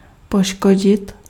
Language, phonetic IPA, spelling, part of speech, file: Czech, [ˈpoʃkoɟɪt], poškodit, verb, Cs-poškodit.ogg
- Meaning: to damage, harm